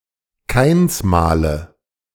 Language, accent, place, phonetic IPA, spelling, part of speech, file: German, Germany, Berlin, [ˈkaɪ̯nsˌmaːlə], Kainsmale, noun, De-Kainsmale.ogg
- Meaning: nominative/accusative/genitive plural of Kainsmal